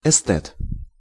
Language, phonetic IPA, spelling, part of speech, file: Russian, [ɪˈstɛt], эстет, noun, Ru-эстет.ogg
- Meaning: aesthete/esthete